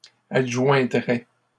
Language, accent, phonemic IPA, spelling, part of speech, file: French, Canada, /ad.ʒwɛ̃.dʁɛ/, adjoindrais, verb, LL-Q150 (fra)-adjoindrais.wav
- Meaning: first/second-person singular conditional of adjoindre